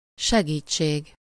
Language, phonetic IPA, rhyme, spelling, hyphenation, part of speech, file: Hungarian, [ˈʃɛɡiːt͡ʃːeːɡ], -eːɡ, segítség, se‧gít‧ség, noun / interjection, Hu-segítség.ogg
- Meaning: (noun) help (action given to provide assistance); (interjection) Help! (cry of distress or an urgent request for assistance)